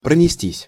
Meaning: 1. to rush by/past/through, to fly 2. passive of пронести́ (pronestí)
- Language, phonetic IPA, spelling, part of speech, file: Russian, [prənʲɪˈsʲtʲisʲ], пронестись, verb, Ru-пронестись.ogg